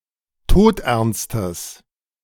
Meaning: strong/mixed nominative/accusative neuter singular of todernst
- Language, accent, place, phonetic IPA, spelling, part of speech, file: German, Germany, Berlin, [ˈtoːtʔɛʁnstəs], todernstes, adjective, De-todernstes.ogg